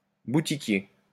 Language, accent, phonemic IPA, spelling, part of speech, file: French, France, /bu.ti.kje/, boutiquier, noun, LL-Q150 (fra)-boutiquier.wav
- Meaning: shopkeeper, storekeeper